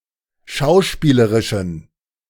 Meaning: inflection of schauspielerisch: 1. strong genitive masculine/neuter singular 2. weak/mixed genitive/dative all-gender singular 3. strong/weak/mixed accusative masculine singular
- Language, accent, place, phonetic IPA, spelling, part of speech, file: German, Germany, Berlin, [ˈʃaʊ̯ˌʃpiːləʁɪʃn̩], schauspielerischen, adjective, De-schauspielerischen.ogg